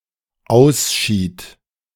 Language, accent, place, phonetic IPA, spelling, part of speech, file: German, Germany, Berlin, [ˈaʊ̯sʃiːt], ausschied, verb, De-ausschied.ogg
- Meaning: first/third-person singular dependent preterite of ausscheiden